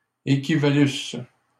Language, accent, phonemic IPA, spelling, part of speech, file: French, Canada, /e.ki.va.lys/, équivalusses, verb, LL-Q150 (fra)-équivalusses.wav
- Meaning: second-person singular imperfect subjunctive of équivaloir